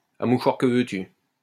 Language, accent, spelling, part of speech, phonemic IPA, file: French, France, à mouchoir que veux-tu, adverb, /a mu.ʃwaʁ kə vø.ty/, LL-Q150 (fra)-à mouchoir que veux-tu.wav
- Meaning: profusely (of crying)